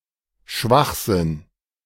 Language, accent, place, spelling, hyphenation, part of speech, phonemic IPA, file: German, Germany, Berlin, Schwachsinn, Schwach‧sinn, noun, /ˈʃvaxzɪn/, De-Schwachsinn.ogg
- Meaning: 1. nonsense 2. mental retardation, amentia